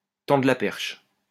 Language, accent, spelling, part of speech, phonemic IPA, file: French, France, tendre la perche, verb, /tɑ̃.dʁə la pɛʁʃ/, LL-Q150 (fra)-tendre la perche.wav
- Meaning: 1. to throw a line, to give a helping hand, to make it easier 2. to give an opportunity to talk about a given subject; to give an opening (sometimes involuntarily)